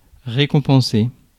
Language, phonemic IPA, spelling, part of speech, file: French, /ʁe.kɔ̃.pɑ̃.se/, récompenser, verb, Fr-récompenser.ogg
- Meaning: to award